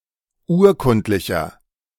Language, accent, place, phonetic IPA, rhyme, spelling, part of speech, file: German, Germany, Berlin, [ˈuːɐ̯ˌkʊntlɪçɐ], -uːɐ̯kʊntlɪçɐ, urkundlicher, adjective, De-urkundlicher.ogg
- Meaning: inflection of urkundlich: 1. strong/mixed nominative masculine singular 2. strong genitive/dative feminine singular 3. strong genitive plural